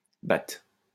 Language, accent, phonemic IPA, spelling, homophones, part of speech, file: French, France, /ba/, bat, bât / bâts, verb, LL-Q150 (fra)-bat.wav
- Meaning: third-person singular present indicative of battre